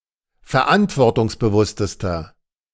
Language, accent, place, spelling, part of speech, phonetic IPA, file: German, Germany, Berlin, verantwortungsbewusstester, adjective, [fɛɐ̯ˈʔantvɔʁtʊŋsbəˌvʊstəstɐ], De-verantwortungsbewusstester.ogg
- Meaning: inflection of verantwortungsbewusst: 1. strong/mixed nominative masculine singular superlative degree 2. strong genitive/dative feminine singular superlative degree